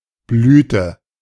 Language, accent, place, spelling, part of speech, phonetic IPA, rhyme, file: German, Germany, Berlin, blühte, verb, [ˈblyːtə], -yːtə, De-blühte.ogg
- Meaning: inflection of blühen: 1. first/third-person singular preterite 2. first/third-person singular subjunctive II